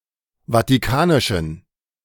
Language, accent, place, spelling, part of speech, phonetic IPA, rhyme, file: German, Germany, Berlin, vatikanischen, adjective, [vatiˈkaːnɪʃn̩], -aːnɪʃn̩, De-vatikanischen.ogg
- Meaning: inflection of vatikanisch: 1. strong genitive masculine/neuter singular 2. weak/mixed genitive/dative all-gender singular 3. strong/weak/mixed accusative masculine singular 4. strong dative plural